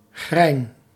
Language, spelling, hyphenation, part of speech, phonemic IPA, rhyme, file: Dutch, chrein, chrein, noun, /xrɛi̯n/, -ɛi̯n, Nl-chrein.ogg
- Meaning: chrain